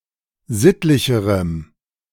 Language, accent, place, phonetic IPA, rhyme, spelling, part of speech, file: German, Germany, Berlin, [ˈzɪtlɪçəʁəm], -ɪtlɪçəʁəm, sittlicherem, adjective, De-sittlicherem.ogg
- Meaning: strong dative masculine/neuter singular comparative degree of sittlich